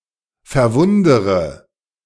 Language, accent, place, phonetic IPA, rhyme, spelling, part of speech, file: German, Germany, Berlin, [fɛɐ̯ˈvʊndəʁə], -ʊndəʁə, verwundere, verb, De-verwundere.ogg
- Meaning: inflection of verwundern: 1. first-person singular present 2. first-person plural subjunctive I 3. third-person singular subjunctive I 4. singular imperative